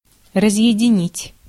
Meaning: 1. to separate, to part, to disjoin 2. to disconnect, to break, to cut off
- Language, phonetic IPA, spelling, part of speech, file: Russian, [rəzjɪdʲɪˈnʲitʲ], разъединить, verb, Ru-разъединить.ogg